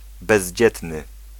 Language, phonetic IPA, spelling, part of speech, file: Polish, [bɛʑˈd͡ʑɛtnɨ], bezdzietny, adjective, Pl-bezdzietny.ogg